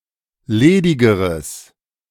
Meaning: strong/mixed nominative/accusative neuter singular comparative degree of ledig
- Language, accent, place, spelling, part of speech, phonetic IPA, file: German, Germany, Berlin, ledigeres, adjective, [ˈleːdɪɡəʁəs], De-ledigeres.ogg